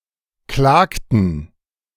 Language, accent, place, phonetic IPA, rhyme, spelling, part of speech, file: German, Germany, Berlin, [ˈklaːktn̩], -aːktn̩, klagten, verb, De-klagten.ogg
- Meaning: inflection of klagen: 1. first/third-person plural preterite 2. first/third-person plural subjunctive II